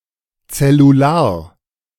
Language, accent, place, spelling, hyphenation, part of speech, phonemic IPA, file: German, Germany, Berlin, zellular, zel‧lu‧lar, adjective, /t͡sɛluˈlaːɐ̯/, De-zellular.ogg
- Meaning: cellular